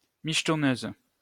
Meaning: 1. occasional prostitute 2. gold digger
- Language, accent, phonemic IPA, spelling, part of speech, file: French, France, /miʃ.tɔ.nøz/, michetonneuse, noun, LL-Q150 (fra)-michetonneuse.wav